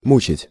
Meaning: 1. to torment, to anguish (cause to suffer pain) 2. to torture 3. to wear out, to bore, to tire out, to pester
- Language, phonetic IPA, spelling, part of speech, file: Russian, [ˈmut͡ɕɪtʲ], мучить, verb, Ru-мучить.ogg